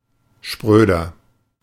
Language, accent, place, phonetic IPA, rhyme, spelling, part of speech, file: German, Germany, Berlin, [ˈʃpʁøːdɐ], -øːdɐ, spröder, adjective, De-spröder.ogg
- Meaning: 1. comparative degree of spröde 2. inflection of spröde: strong/mixed nominative masculine singular 3. inflection of spröde: strong genitive/dative feminine singular